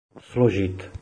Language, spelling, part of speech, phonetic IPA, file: Czech, složit, verb, [ˈsloʒɪt], Cs-složit.oga
- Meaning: 1. to compose (of music) 2. to assemble 3. to tackle 4. to put down (something or someone) 5. to pass an exam 6. to fold